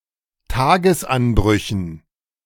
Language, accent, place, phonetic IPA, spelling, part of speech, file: German, Germany, Berlin, [ˈtaːɡəsˌʔanbʁʏçn̩], Tagesanbrüchen, noun, De-Tagesanbrüchen.ogg
- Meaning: dative plural of Tagesanbruch